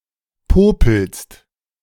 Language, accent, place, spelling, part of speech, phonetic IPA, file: German, Germany, Berlin, popelst, verb, [ˈpoːpl̩st], De-popelst.ogg
- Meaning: second-person singular present of popeln